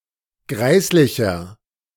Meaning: 1. comparative degree of greislich 2. inflection of greislich: strong/mixed nominative masculine singular 3. inflection of greislich: strong genitive/dative feminine singular
- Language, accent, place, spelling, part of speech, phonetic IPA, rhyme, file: German, Germany, Berlin, greislicher, adjective, [ˈɡʁaɪ̯slɪçɐ], -aɪ̯slɪçɐ, De-greislicher.ogg